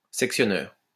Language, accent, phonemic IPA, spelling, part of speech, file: French, France, /sɛk.sjɔ.nœʁ/, sectionneur, noun, LL-Q150 (fra)-sectionneur.wav
- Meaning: circuit breaker